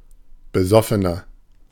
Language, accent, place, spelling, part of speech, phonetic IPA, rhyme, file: German, Germany, Berlin, besoffener, adjective, [bəˈzɔfənɐ], -ɔfənɐ, De-besoffener.ogg
- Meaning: 1. comparative degree of besoffen 2. inflection of besoffen: strong/mixed nominative masculine singular 3. inflection of besoffen: strong genitive/dative feminine singular